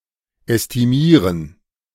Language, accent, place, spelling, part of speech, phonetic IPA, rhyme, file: German, Germany, Berlin, ästimieren, verb, [ɛstiˈmiːʁən], -iːʁən, De-ästimieren.ogg
- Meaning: to estimate